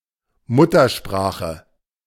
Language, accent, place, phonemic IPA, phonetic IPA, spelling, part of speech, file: German, Germany, Berlin, /ˈmʊtɐˌʃpʁaːxə/, [ˈmʊtɐˌʃpʁäːχə], Muttersprache, noun, De-Muttersprache.ogg
- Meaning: 1. mother tongue; native language 2. the language one has learnt from one’s mother (chiefly in the case of two parents with different languages)